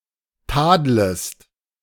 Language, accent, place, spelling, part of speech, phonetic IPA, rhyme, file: German, Germany, Berlin, tadlest, verb, [ˈtaːdləst], -aːdləst, De-tadlest.ogg
- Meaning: second-person singular subjunctive I of tadeln